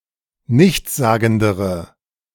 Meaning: inflection of nichtssagend: 1. strong/mixed nominative/accusative feminine singular comparative degree 2. strong nominative/accusative plural comparative degree
- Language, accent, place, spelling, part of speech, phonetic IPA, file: German, Germany, Berlin, nichtssagendere, adjective, [ˈnɪçt͡sˌzaːɡn̩dəʁə], De-nichtssagendere.ogg